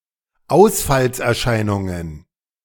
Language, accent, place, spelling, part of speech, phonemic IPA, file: German, Germany, Berlin, Ausfallserscheinungen, noun, /ˈaʊ̯sfalsʔɛɐ̯ˌʃaɪnʊŋən/, De-Ausfallserscheinungen.ogg
- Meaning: plural of Ausfallserscheinung